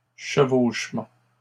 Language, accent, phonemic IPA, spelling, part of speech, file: French, Canada, /ʃə.voʃ.mɑ̃/, chevauchements, noun, LL-Q150 (fra)-chevauchements.wav
- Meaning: plural of chevauchement